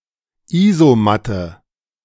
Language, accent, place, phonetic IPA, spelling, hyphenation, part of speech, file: German, Germany, Berlin, [ˈiːzoˌmatə], Isomatte, Iso‧mat‧te, noun, De-Isomatte.ogg
- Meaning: clipping of Isoliermatte (sleeping pad)